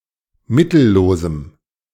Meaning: strong dative masculine/neuter singular of mittellos
- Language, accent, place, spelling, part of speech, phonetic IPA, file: German, Germany, Berlin, mittellosem, adjective, [ˈmɪtl̩ˌloːzm̩], De-mittellosem.ogg